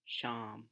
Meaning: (noun) evening; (proper noun) 1. Syria (a country in West Asia in the Middle East) 2. an epithet of Krishna 3. a male given name, Sham, from Sanskrit; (noun) ferrule (of a stick, etc.), metal end
- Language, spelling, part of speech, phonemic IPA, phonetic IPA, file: Hindi, शाम, noun / proper noun, /ʃɑːm/, [ʃä̃ːm], Hi-शाम.wav